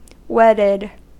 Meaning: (adjective) 1. Joined in marriage 2. Joined as if in a marriage; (verb) simple past and past participle of wed
- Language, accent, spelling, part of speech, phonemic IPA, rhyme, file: English, US, wedded, adjective / verb, /ˈwɛdəd/, -ɛdəd, En-us-wedded.ogg